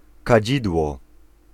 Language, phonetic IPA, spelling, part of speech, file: Polish, [kaˈd͡ʑidwɔ], kadzidło, noun, Pl-kadzidło.ogg